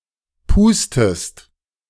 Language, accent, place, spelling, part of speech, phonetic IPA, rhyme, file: German, Germany, Berlin, pustest, verb, [ˈpuːstəst], -uːstəst, De-pustest.ogg
- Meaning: inflection of pusten: 1. second-person singular present 2. second-person singular subjunctive I